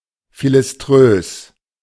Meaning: bigoted, narrow-minded
- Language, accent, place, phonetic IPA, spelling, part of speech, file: German, Germany, Berlin, [filɪsˈtʁøːs], philiströs, adjective, De-philiströs.ogg